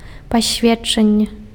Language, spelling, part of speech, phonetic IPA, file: Belarusian, пасведчанне, noun, [pasʲˈvʲetː͡ʂanʲːe], Be-пасведчанне.ogg
- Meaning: 1. evidence 2. certificate